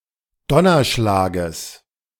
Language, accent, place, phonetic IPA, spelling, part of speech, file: German, Germany, Berlin, [ˈdɔnɐˌʃlaːɡəs], Donnerschlages, noun, De-Donnerschlages.ogg
- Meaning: genitive singular of Donnerschlag